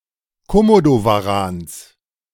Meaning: genitive singular of Komodowaran
- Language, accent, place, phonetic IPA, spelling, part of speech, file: German, Germany, Berlin, [koˈmodovaˌʁaːns], Komodowarans, noun, De-Komodowarans.ogg